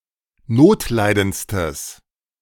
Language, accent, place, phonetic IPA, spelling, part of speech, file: German, Germany, Berlin, [ˈnoːtˌlaɪ̯dənt͡stəs], notleidendstes, adjective, De-notleidendstes.ogg
- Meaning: strong/mixed nominative/accusative neuter singular superlative degree of notleidend